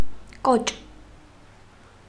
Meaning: 1. reel, bobbin 2. spool 3. coil 4. ankle
- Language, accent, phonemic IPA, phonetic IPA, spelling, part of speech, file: Armenian, Eastern Armenian, /kot͡ʃ/, [kot͡ʃ], կոճ, noun, Hy-կոճ.ogg